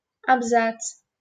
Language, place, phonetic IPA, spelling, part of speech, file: Russian, Saint Petersburg, [ɐbˈzat͡s], абзац, noun, LL-Q7737 (rus)-абзац.wav
- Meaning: 1. paragraph 2. an indentation at the start of a paragraph 3. for пизде́ц (pizdéc)